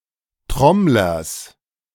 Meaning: genitive singular of Trommler
- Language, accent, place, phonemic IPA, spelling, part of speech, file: German, Germany, Berlin, /ˈtʁɔmlɐs/, Trommlers, noun, De-Trommlers.ogg